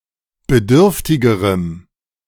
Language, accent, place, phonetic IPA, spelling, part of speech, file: German, Germany, Berlin, [bəˈdʏʁftɪɡəʁəm], bedürftigerem, adjective, De-bedürftigerem.ogg
- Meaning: strong dative masculine/neuter singular comparative degree of bedürftig